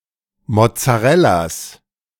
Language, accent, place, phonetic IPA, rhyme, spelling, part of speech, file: German, Germany, Berlin, [mɔt͡saˈʁɛlas], -ɛlas, Mozzarellas, noun, De-Mozzarellas.ogg
- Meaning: 1. genitive singular of Mozzarella 2. plural of Mozzarella